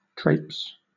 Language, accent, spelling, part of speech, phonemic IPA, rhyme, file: English, Southern England, traipse, verb / noun, /tɹeɪps/, -eɪps, LL-Q1860 (eng)-traipse.wav
- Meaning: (verb) 1. To walk in a messy or unattractively casual way; to trail through dirt 2. To walk about, especially when expending much effort, or unnecessary effort